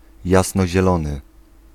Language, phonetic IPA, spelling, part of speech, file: Polish, [ˌjasnɔʑɛˈlɔ̃nɨ], jasnozielony, adjective, Pl-jasnozielony.ogg